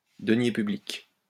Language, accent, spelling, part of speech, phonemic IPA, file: French, France, deniers publics, noun, /də.nje py.blik/, LL-Q150 (fra)-deniers publics.wav
- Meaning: public purse, public money, public funds